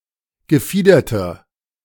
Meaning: inflection of gefiedert: 1. strong/mixed nominative masculine singular 2. strong genitive/dative feminine singular 3. strong genitive plural
- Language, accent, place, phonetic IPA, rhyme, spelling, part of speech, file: German, Germany, Berlin, [ɡəˈfiːdɐtɐ], -iːdɐtɐ, gefiederter, adjective, De-gefiederter.ogg